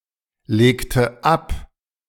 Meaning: inflection of ablegen: 1. first/third-person singular preterite 2. first/third-person singular subjunctive II
- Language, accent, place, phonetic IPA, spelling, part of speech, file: German, Germany, Berlin, [ˌleːktə ˈap], legte ab, verb, De-legte ab.ogg